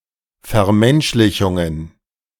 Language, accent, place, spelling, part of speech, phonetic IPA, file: German, Germany, Berlin, Vermenschlichungen, noun, [fɛɐ̯ˈmɛnʃlɪçʊŋən], De-Vermenschlichungen.ogg
- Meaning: plural of Vermenschlichung